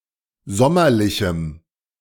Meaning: strong dative masculine/neuter singular of sommerlich
- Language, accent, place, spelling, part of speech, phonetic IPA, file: German, Germany, Berlin, sommerlichem, adjective, [ˈzɔmɐlɪçm̩], De-sommerlichem.ogg